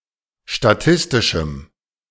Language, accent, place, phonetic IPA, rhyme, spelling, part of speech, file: German, Germany, Berlin, [ʃtaˈtɪstɪʃm̩], -ɪstɪʃm̩, statistischem, adjective, De-statistischem.ogg
- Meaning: strong dative masculine/neuter singular of statistisch